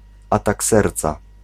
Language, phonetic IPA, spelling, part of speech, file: Polish, [ˈatak ˈsɛrt͡sa], atak serca, noun, Pl-atak serca.ogg